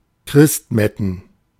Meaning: plural of Christmette
- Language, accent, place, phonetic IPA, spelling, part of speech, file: German, Germany, Berlin, [ˈkʁɪstˌmɛtn̩], Christmetten, noun, De-Christmetten.ogg